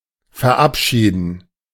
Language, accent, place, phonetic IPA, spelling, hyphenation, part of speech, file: German, Germany, Berlin, [fɛʁˈʔapˌʃiːdn̩], verabschieden, ver‧ab‧schie‧den, verb, De-verabschieden.ogg
- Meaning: 1. to say goodbye (to); to take leave (of) 2. to stop participating in; to leave (a position, community, setting) 3. to say goodbye to (someone); to take leave of (someone) 4. to see off; to dismiss